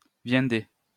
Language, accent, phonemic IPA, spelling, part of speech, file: French, France, /vjɛ̃.de/, viendez, interjection, LL-Q150 (fra)-viendez.wav
- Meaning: come on, come